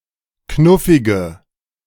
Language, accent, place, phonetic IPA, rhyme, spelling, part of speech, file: German, Germany, Berlin, [ˈknʊfɪɡə], -ʊfɪɡə, knuffige, adjective, De-knuffige.ogg
- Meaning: inflection of knuffig: 1. strong/mixed nominative/accusative feminine singular 2. strong nominative/accusative plural 3. weak nominative all-gender singular 4. weak accusative feminine/neuter singular